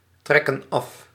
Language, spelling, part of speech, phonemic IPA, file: Dutch, trekken af, verb, /ˈtrɛkə(n) ˈɑf/, Nl-trekken af.ogg
- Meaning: inflection of aftrekken: 1. plural present indicative 2. plural present subjunctive